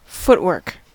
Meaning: Any movement of the feet, especially intricate or complex movement, as in sports or dancing
- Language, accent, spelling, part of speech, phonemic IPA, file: English, US, footwork, noun, /ˈfʊt.wɜːk/, En-us-footwork.ogg